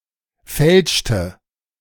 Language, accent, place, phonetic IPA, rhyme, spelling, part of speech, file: German, Germany, Berlin, [ˈfɛlʃtə], -ɛlʃtə, fälschte, verb, De-fälschte.ogg
- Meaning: inflection of fälschen: 1. first/third-person singular preterite 2. first/third-person singular subjunctive II